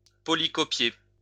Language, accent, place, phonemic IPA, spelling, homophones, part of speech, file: French, France, Lyon, /pɔ.li.kɔ.pje/, polycopier, polycopiai / polycopié / polycopiée / polycopiées / polycopiés / polycopiez, verb, LL-Q150 (fra)-polycopier.wav
- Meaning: to duplicate (documents)